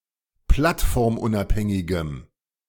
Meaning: strong dative masculine/neuter singular of plattformunabhängig
- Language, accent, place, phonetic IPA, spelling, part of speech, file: German, Germany, Berlin, [ˈplatfɔʁmˌʔʊnʔaphɛŋɪɡəm], plattformunabhängigem, adjective, De-plattformunabhängigem.ogg